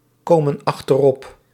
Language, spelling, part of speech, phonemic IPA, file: Dutch, komen achterop, verb, /ˈkomə(n) ɑxtərˈɔp/, Nl-komen achterop.ogg
- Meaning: inflection of achteropkomen: 1. plural present indicative 2. plural present subjunctive